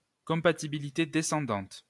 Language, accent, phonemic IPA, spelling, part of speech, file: French, France, /kɔ̃.pa.ti.bi.li.te de.sɑ̃.dɑ̃t/, compatibilité descendante, noun, LL-Q150 (fra)-compatibilité descendante.wav
- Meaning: backward compatibility (compatibility with older data)